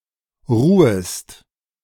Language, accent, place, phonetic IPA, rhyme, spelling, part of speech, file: German, Germany, Berlin, [ˈʁuːəst], -uːəst, ruhest, verb, De-ruhest.ogg
- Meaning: second-person singular subjunctive I of ruhen